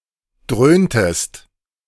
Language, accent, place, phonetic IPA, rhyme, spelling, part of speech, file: German, Germany, Berlin, [ˈdʁøːntəst], -øːntəst, dröhntest, verb, De-dröhntest.ogg
- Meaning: inflection of dröhnen: 1. second-person singular preterite 2. second-person singular subjunctive II